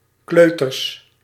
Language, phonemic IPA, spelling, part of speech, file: Dutch, /ˈkløtərs/, kleuters, noun, Nl-kleuters.ogg
- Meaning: plural of kleuter